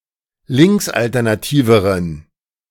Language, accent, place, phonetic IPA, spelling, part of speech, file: German, Germany, Berlin, [ˈlɪŋksʔaltɛʁnaˌtiːvəʁən], linksalternativeren, adjective, De-linksalternativeren.ogg
- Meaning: inflection of linksalternativ: 1. strong genitive masculine/neuter singular comparative degree 2. weak/mixed genitive/dative all-gender singular comparative degree